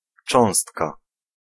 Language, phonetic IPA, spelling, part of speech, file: Polish, [ˈt͡ʃɔ̃w̃stka], cząstka, noun, Pl-cząstka.ogg